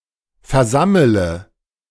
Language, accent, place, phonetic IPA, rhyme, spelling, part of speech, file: German, Germany, Berlin, [fɛɐ̯ˈzamələ], -amələ, versammele, verb, De-versammele.ogg
- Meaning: inflection of versammeln: 1. first-person singular present 2. first/third-person singular subjunctive I 3. singular imperative